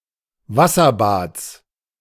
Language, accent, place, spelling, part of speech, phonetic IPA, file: German, Germany, Berlin, Wasserbads, noun, [ˈvasɐˌbaːt͡s], De-Wasserbads.ogg
- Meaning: genitive singular of Wasserbad